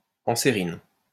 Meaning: anserine
- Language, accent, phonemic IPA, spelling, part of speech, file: French, France, /ɑ̃.se.ʁin/, ansérine, adjective, LL-Q150 (fra)-ansérine.wav